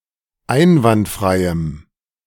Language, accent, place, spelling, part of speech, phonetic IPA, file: German, Germany, Berlin, einwandfreiem, adjective, [ˈaɪ̯nvantˌfʁaɪ̯əm], De-einwandfreiem.ogg
- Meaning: strong dative masculine/neuter singular of einwandfrei